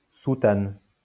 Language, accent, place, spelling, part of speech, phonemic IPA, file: French, France, Lyon, soutane, noun, /su.tan/, LL-Q150 (fra)-soutane.wav
- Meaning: 1. cassock, soutane 2. Roman Catholic priesthood, the Roman Catholic Church or institutions